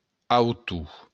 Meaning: 1. author 2. height
- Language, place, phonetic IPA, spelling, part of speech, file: Occitan, Béarn, [awˈtu], autor, noun, LL-Q14185 (oci)-autor.wav